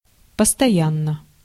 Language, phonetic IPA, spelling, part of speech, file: Russian, [pəstɐˈjanːə], постоянно, adverb / adjective, Ru-постоянно.ogg
- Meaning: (adverb) constantly, always; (adjective) short neuter singular of постоя́нный (postojánnyj, “constant”)